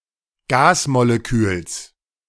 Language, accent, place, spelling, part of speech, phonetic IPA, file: German, Germany, Berlin, Gasmoleküls, noun, [ˈɡaːsmoleˌkyːls], De-Gasmoleküls.ogg
- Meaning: genitive singular of Gasmolekül